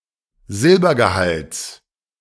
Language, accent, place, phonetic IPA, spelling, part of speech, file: German, Germany, Berlin, [ˈzɪlbɐɡəˌhalt͡s], Silbergehalts, noun, De-Silbergehalts.ogg
- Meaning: genitive singular of Silbergehalt